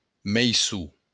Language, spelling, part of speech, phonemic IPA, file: Occitan, meisson, noun, /mejˈsu/, LL-Q942602-meisson.wav
- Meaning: harvest